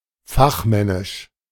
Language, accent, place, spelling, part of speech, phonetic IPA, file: German, Germany, Berlin, fachmännisch, adjective, [ˈfaxˌmɛnɪʃ], De-fachmännisch.ogg
- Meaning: expert; specialised